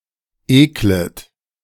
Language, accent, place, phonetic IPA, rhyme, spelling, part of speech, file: German, Germany, Berlin, [ˈeːklət], -eːklət, eklet, verb, De-eklet.ogg
- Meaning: second-person plural subjunctive I of ekeln